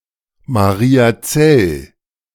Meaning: a municipality of Styria, Austria
- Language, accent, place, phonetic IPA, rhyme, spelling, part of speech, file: German, Germany, Berlin, [ˌmaʁiːaˈt͡sɛl], -ɛl, Mariazell, proper noun, De-Mariazell.ogg